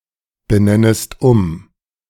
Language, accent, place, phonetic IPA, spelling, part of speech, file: German, Germany, Berlin, [bəˌnɛnəst ˈʊm], benennest um, verb, De-benennest um.ogg
- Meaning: second-person singular subjunctive I of umbenennen